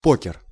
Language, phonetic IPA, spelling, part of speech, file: Russian, [ˈpokʲɪr], покер, noun, Ru-покер.ogg
- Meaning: 1. poker 2. four cards of a kind in a poker hand 3. four goals scored by one player in a soccer match